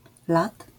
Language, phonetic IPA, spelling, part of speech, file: Polish, [lat], lat, noun, LL-Q809 (pol)-lat.wav